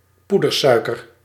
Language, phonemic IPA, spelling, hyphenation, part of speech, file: Dutch, /ˈpu.dərˌsœy̯.kər/, poedersuiker, poe‧der‧sui‧ker, noun, Nl-poedersuiker.ogg
- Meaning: powdered sugar, icing sugar